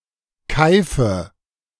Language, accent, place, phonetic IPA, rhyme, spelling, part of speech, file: German, Germany, Berlin, [ˈkaɪ̯fə], -aɪ̯fə, keife, verb, De-keife.ogg
- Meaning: inflection of keifen: 1. first-person singular present 2. first/third-person singular subjunctive I 3. singular imperative